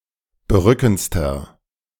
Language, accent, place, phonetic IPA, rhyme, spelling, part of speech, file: German, Germany, Berlin, [bəˈʁʏkn̩t͡stɐ], -ʏkn̩t͡stɐ, berückendster, adjective, De-berückendster.ogg
- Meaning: inflection of berückend: 1. strong/mixed nominative masculine singular superlative degree 2. strong genitive/dative feminine singular superlative degree 3. strong genitive plural superlative degree